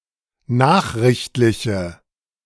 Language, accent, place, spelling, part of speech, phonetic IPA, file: German, Germany, Berlin, nachrichtliche, adjective, [ˈnaːxʁɪçtlɪçə], De-nachrichtliche.ogg
- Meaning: inflection of nachrichtlich: 1. strong/mixed nominative/accusative feminine singular 2. strong nominative/accusative plural 3. weak nominative all-gender singular